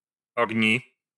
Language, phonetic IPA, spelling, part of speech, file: Russian, [ɐɡˈnʲi], огни, noun, Ru-огни.ogg
- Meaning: 1. nominative/accusative plural of ого́нь (ogónʹ) 2. nominative/accusative plural of огнь (ognʹ)